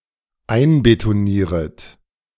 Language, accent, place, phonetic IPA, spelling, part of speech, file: German, Germany, Berlin, [ˈaɪ̯nbetoˌniːʁət], einbetonieret, verb, De-einbetonieret.ogg
- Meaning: second-person plural dependent subjunctive I of einbetonieren